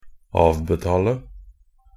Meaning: 1. to give a (financial) settlement or salary; pay off 2. to pay interest and installments (on a sum you owe)
- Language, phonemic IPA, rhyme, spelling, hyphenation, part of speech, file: Norwegian Bokmål, /ˈɑːʋbɛtɑːlə/, -ɑːlə, avbetale, av‧be‧ta‧le, verb, Nb-avbetale.ogg